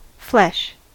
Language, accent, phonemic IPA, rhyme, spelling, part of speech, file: English, US, /flɛʃ/, -ɛʃ, flesh, noun / verb, En-us-flesh.ogg
- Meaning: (noun) 1. The soft tissue of the body, especially muscle and fat 2. The skin of a human or animal 3. Bare arms, bare legs, bare torso